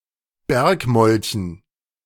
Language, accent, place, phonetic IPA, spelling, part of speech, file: German, Germany, Berlin, [ˈbɛʁkˌmɔlçn̩], Bergmolchen, noun, De-Bergmolchen.ogg
- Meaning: dative plural of Bergmolch